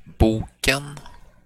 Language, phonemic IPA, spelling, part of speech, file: Swedish, /¹buːkɛn/, boken, noun, Sv-boken.flac
- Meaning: definite singular of bok